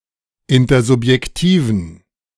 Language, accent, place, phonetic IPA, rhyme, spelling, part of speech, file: German, Germany, Berlin, [ˌɪntɐzʊpjɛkˈtiːvn̩], -iːvn̩, intersubjektiven, adjective, De-intersubjektiven.ogg
- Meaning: inflection of intersubjektiv: 1. strong genitive masculine/neuter singular 2. weak/mixed genitive/dative all-gender singular 3. strong/weak/mixed accusative masculine singular 4. strong dative plural